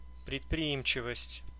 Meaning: initiative, enterprise (willingness to take the initiative, especially in business)
- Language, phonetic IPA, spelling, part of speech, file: Russian, [prʲɪtprʲɪˈimt͡ɕɪvəsʲtʲ], предприимчивость, noun, Ru-предприимчивость.ogg